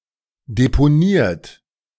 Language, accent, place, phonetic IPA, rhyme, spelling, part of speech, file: German, Germany, Berlin, [depoˈniːɐ̯t], -iːɐ̯t, deponiert, verb, De-deponiert.ogg
- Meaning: 1. past participle of deponieren 2. inflection of deponieren: third-person singular present 3. inflection of deponieren: second-person plural present 4. inflection of deponieren: plural imperative